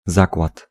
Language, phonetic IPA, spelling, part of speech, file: Polish, [ˈzakwat], zakład, noun, Pl-zakład.ogg